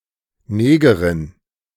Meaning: black woman, negress
- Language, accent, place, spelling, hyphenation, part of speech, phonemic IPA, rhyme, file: German, Germany, Berlin, Negerin, Ne‧ge‧rin, noun, /ˈneːɡəʁɪn/, -eːɡəʁɪn, De-Negerin.ogg